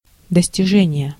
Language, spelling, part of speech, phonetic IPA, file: Russian, достижение, noun, [dəsʲtʲɪˈʐɛnʲɪje], Ru-достижение.ogg
- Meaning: attainment, achievement